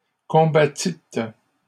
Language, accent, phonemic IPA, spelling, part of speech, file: French, Canada, /kɔ̃.ba.tit/, combattîtes, verb, LL-Q150 (fra)-combattîtes.wav
- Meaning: second-person plural past historic of combattre